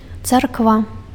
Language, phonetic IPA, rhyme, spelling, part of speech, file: Belarusian, [t͡sarkˈva], -a, царква, noun, Be-царква.ogg
- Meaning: 1. church (religious association of clergy and believers based on the commonality of faith, teaching and rites of worship) 2. Eastern Orthodox church